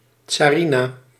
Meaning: tsarina (female tsar/empress, wife of a tsar)
- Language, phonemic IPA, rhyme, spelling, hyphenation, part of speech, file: Dutch, /ˌtsaːˈri.naː/, -inaː, tsarina, tsa‧ri‧na, noun, Nl-tsarina.ogg